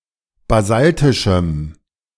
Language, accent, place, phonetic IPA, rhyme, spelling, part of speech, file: German, Germany, Berlin, [baˈzaltɪʃm̩], -altɪʃm̩, basaltischem, adjective, De-basaltischem.ogg
- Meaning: strong dative masculine/neuter singular of basaltisch